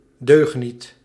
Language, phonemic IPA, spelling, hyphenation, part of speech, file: Dutch, /ˈdøːx.nit/, deugniet, deug‧niet, noun, Nl-deugniet.ogg
- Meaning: 1. good-for-nothing 2. rascal, scamp, a naughty boy 3. knave, amusing boy